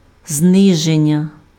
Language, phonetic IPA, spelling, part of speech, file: Ukrainian, [ˈznɪʒenʲːɐ], зниження, noun, Uk-зниження.ogg
- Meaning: verbal noun of зни́зити (znýzyty): 1. lowering 2. reduction, decrease, decline, drop, cut